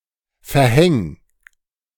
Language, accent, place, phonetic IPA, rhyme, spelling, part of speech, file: German, Germany, Berlin, [fɛɐ̯ˈhɛŋ], -ɛŋ, verhäng, verb, De-verhäng.ogg
- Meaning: 1. singular imperative of verhängen 2. first-person singular present of verhängen